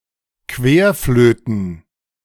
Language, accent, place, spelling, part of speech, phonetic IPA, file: German, Germany, Berlin, Querflöten, noun, [ˈkveːɐ̯ˌfløːtn̩], De-Querflöten.ogg
- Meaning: plural of Querflöte